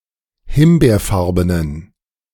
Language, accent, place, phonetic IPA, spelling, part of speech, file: German, Germany, Berlin, [ˈhɪmbeːɐ̯ˌfaʁbənən], himbeerfarbenen, adjective, De-himbeerfarbenen.ogg
- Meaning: inflection of himbeerfarben: 1. strong genitive masculine/neuter singular 2. weak/mixed genitive/dative all-gender singular 3. strong/weak/mixed accusative masculine singular 4. strong dative plural